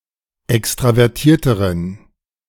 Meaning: inflection of extravertiert: 1. strong genitive masculine/neuter singular comparative degree 2. weak/mixed genitive/dative all-gender singular comparative degree
- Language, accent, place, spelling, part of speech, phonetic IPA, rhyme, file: German, Germany, Berlin, extravertierteren, adjective, [ˌɛkstʁavɛʁˈtiːɐ̯təʁən], -iːɐ̯təʁən, De-extravertierteren.ogg